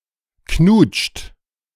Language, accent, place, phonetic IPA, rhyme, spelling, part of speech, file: German, Germany, Berlin, [knuːt͡ʃt], -uːt͡ʃt, knutscht, verb, De-knutscht.ogg
- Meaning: inflection of knutschen: 1. third-person singular present 2. second-person plural present 3. plural imperative